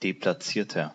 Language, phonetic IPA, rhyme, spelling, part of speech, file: German, [deplaˈt͡siːɐ̯tɐ], -iːɐ̯tɐ, deplatzierter, adjective, De-deplatzierter.ogg
- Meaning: inflection of deplatziert: 1. strong/mixed nominative masculine singular 2. strong genitive/dative feminine singular 3. strong genitive plural